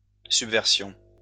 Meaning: subversion
- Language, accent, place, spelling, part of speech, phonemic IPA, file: French, France, Lyon, subversion, noun, /syb.vɛʁ.sjɔ̃/, LL-Q150 (fra)-subversion.wav